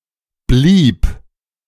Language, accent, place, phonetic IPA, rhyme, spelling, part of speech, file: German, Germany, Berlin, [bliːp], -iːp, blieb, verb, De-blieb.ogg
- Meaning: first/third-person singular preterite of bleiben